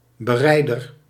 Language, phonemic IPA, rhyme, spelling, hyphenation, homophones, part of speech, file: Dutch, /bəˈrɛi̯.dər/, -ɛi̯dər, berijder, be‧rij‧der, bereider, noun, Nl-berijder.ogg
- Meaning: 1. a rider, who rides a mount 2. a mobile deputy mandated by a Flemish baljuw (high feudal bailiff) to render justice in and under his jurisdiction